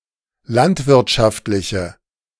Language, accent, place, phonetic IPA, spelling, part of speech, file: German, Germany, Berlin, [ˈlantvɪʁtʃaftlɪçə], landwirtschaftliche, adjective, De-landwirtschaftliche.ogg
- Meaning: inflection of landwirtschaftlich: 1. strong/mixed nominative/accusative feminine singular 2. strong nominative/accusative plural 3. weak nominative all-gender singular